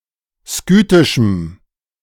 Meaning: strong dative masculine/neuter singular of skythisch
- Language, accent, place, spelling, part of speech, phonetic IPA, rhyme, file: German, Germany, Berlin, skythischem, adjective, [ˈskyːtɪʃm̩], -yːtɪʃm̩, De-skythischem.ogg